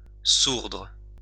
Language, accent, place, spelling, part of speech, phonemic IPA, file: French, France, Lyon, sourdre, verb, /suʁdʁ/, LL-Q150 (fra)-sourdre.wav
- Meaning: to well up